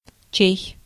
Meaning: 1. whose 2. anyone's
- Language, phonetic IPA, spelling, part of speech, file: Russian, [t͡ɕej], чей, pronoun, Ru-чей.ogg